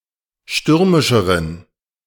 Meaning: inflection of stürmisch: 1. strong genitive masculine/neuter singular comparative degree 2. weak/mixed genitive/dative all-gender singular comparative degree
- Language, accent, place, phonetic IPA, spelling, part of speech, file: German, Germany, Berlin, [ˈʃtʏʁmɪʃəʁən], stürmischeren, adjective, De-stürmischeren.ogg